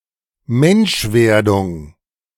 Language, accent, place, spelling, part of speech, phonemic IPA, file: German, Germany, Berlin, Menschwerdung, noun, /ˈmɛnʃˌvɛʁdʊŋ/, De-Menschwerdung.ogg
- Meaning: 1. incarnation 2. the evolutionary and intellectual development by which Homo sapiens sapiens came into being